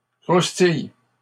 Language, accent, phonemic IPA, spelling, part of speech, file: French, Canada, /kʁus.tij/, croustilles, verb, LL-Q150 (fra)-croustilles.wav
- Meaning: second-person singular present indicative/subjunctive of croustiller